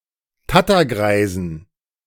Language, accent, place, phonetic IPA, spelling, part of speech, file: German, Germany, Berlin, [ˈtatɐˌɡʁaɪ̯zn̩], Tattergreisen, noun, De-Tattergreisen.ogg
- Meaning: dative plural of Tattergreis